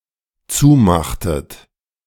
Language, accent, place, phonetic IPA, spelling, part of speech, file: German, Germany, Berlin, [ˈt͡suːˌmaxtət], zumachtet, verb, De-zumachtet.ogg
- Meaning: inflection of zumachen: 1. second-person plural dependent preterite 2. second-person plural dependent subjunctive II